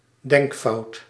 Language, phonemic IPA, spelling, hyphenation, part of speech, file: Dutch, /ˈdɛŋk.fɑu̯t/, denkfout, denk‧fout, noun, Nl-denkfout.ogg
- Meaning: thinking error